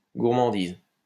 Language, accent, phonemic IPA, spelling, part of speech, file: French, France, /ɡuʁ.mɑ̃.diz/, gourmandise, noun, LL-Q150 (fra)-gourmandise.wav
- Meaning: 1. delicacy (a pleasing food) 2. culinary taste; joie de manger 3. gluttony